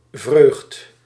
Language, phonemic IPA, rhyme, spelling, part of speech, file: Dutch, /vrøːxt/, -øːxt, vreugd, noun, Nl-vreugd.ogg
- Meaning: alternative form of vreugde